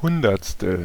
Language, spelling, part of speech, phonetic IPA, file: German, Hundertstel, noun, [ˈhʊndɐt͡stl̩], De-Hundertstel.ogg
- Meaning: 1. hundredth 2. clipping of Hundertstelsekunde